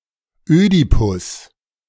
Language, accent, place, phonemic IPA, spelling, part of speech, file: German, Germany, Berlin, /ˈøː.di.pʊs/, Ödipus, proper noun, De-Ödipus.ogg
- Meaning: Oedipus